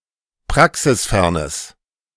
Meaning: strong/mixed nominative/accusative neuter singular of praxisfern
- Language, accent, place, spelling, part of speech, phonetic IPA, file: German, Germany, Berlin, praxisfernes, adjective, [ˈpʁaksɪsˌfɛʁnəs], De-praxisfernes.ogg